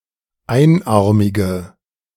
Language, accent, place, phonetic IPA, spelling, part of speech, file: German, Germany, Berlin, [ˈaɪ̯nˌʔaʁmɪɡə], einarmige, adjective, De-einarmige.ogg
- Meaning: inflection of einarmig: 1. strong/mixed nominative/accusative feminine singular 2. strong nominative/accusative plural 3. weak nominative all-gender singular